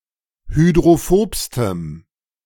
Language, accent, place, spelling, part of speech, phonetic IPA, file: German, Germany, Berlin, hydrophobstem, adjective, [hydʁoˈfoːpstəm], De-hydrophobstem.ogg
- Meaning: strong dative masculine/neuter singular superlative degree of hydrophob